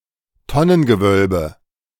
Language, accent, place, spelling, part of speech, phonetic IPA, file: German, Germany, Berlin, Tonnengewölbe, noun, [ˈtɔnənɡəˌvœlbə], De-Tonnengewölbe.ogg
- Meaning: barrel vault